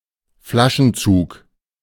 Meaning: block and tackle; polyspast
- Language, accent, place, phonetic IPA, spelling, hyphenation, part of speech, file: German, Germany, Berlin, [ˈflaʃn̩ˌt͡suːk], Flaschenzug, Fla‧schen‧zug, noun, De-Flaschenzug.ogg